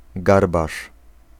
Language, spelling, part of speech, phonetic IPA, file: Polish, garbarz, noun, [ˈɡarbaʃ], Pl-garbarz.ogg